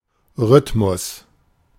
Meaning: 1. rhythm (variation of strong and weak emphasis over time, e.g. in music or speech) 2. pattern, rhythm (series of repetitive events or actions spaced out evenly)
- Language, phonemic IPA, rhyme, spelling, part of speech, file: German, /ˈʁʏtmʊs/, -ʏtmʊs, Rhythmus, noun, De-Rhythmus.oga